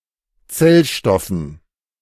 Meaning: dative plural of Zellstoff
- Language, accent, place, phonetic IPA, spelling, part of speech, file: German, Germany, Berlin, [ˈt͡sɛlˌʃtɔfn̩], Zellstoffen, noun, De-Zellstoffen.ogg